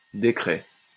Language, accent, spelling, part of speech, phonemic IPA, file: French, France, décret, noun, /de.kʁɛ/, LL-Q150 (fra)-décret.wav
- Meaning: 1. decree (royal, ecclesiastical) 2. statutory instrument